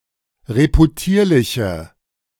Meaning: inflection of reputierlich: 1. strong/mixed nominative/accusative feminine singular 2. strong nominative/accusative plural 3. weak nominative all-gender singular
- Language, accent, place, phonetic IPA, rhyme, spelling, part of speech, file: German, Germany, Berlin, [ʁepuˈtiːɐ̯lɪçə], -iːɐ̯lɪçə, reputierliche, adjective, De-reputierliche.ogg